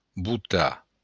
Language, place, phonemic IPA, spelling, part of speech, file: Occitan, Béarn, /buˈta/, votar, verb, LL-Q14185 (oci)-votar.wav
- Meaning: to vote